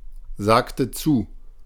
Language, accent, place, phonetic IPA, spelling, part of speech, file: German, Germany, Berlin, [ˌzaːktə ˈt͡suː], sagte zu, verb, De-sagte zu.ogg
- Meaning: inflection of zusagen: 1. first/third-person singular preterite 2. first/third-person singular subjunctive II